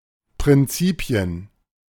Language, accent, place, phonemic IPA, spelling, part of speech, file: German, Germany, Berlin, /pʁɪnˈtsiːpi̯ən/, Prinzipien, noun, De-Prinzipien.ogg
- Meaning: plural of Prinzip